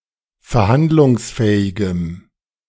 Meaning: strong dative masculine/neuter singular of verhandlungsfähig
- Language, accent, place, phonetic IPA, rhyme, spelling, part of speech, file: German, Germany, Berlin, [fɛɐ̯ˈhandlʊŋsˌfɛːɪɡəm], -andlʊŋsfɛːɪɡəm, verhandlungsfähigem, adjective, De-verhandlungsfähigem.ogg